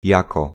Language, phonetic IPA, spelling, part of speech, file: Polish, [ˈjakɔ], jako, preposition / conjunction / pronoun, Pl-jako.ogg